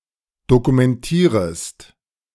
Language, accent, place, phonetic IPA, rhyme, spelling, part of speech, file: German, Germany, Berlin, [dokumɛnˈtiːʁəst], -iːʁəst, dokumentierest, verb, De-dokumentierest.ogg
- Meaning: second-person singular subjunctive I of dokumentieren